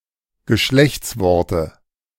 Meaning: dative singular of Geschlechtswort
- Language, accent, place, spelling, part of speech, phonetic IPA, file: German, Germany, Berlin, Geschlechtsworte, noun, [ɡəˈʃlɛçt͡sˌvɔʁtə], De-Geschlechtsworte.ogg